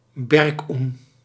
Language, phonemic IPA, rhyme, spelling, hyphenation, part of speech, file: Dutch, /bɛrˈkun/, -un, berkoen, ber‧koen, noun, Nl-berkoen.ogg
- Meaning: a support beam